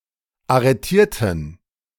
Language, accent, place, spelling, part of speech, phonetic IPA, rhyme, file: German, Germany, Berlin, arretierten, adjective / verb, [aʁəˈtiːɐ̯tn̩], -iːɐ̯tn̩, De-arretierten.ogg
- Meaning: inflection of arretieren: 1. first/third-person plural preterite 2. first/third-person plural subjunctive II